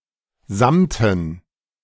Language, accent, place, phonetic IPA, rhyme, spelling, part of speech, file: German, Germany, Berlin, [ˈzamtn̩], -amtn̩, Samten, noun, De-Samten.ogg
- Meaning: dative plural of Samt